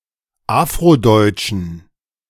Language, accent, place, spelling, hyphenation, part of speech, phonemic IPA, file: German, Germany, Berlin, Afrodeutschen, Af‧ro‧deut‧schen, noun, /ˈaːfʁoˌdɔɪ̯t͡ʃn̩/, De-Afrodeutschen.ogg
- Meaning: inflection of Afrodeutscher: 1. strong genitive/accusative singular 2. strong dative plural 3. weak/mixed genitive/dative/accusative singular 4. weak/mixed all-case plural